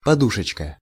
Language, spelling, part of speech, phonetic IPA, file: Russian, подушечка, noun, [pɐˈduʂɨt͡ɕkə], Ru-подушечка.ogg
- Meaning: 1. diminutive of поду́шка (podúška) 2. cushion 3. pad (of an animal foot) 4. ball (of a finger or toe)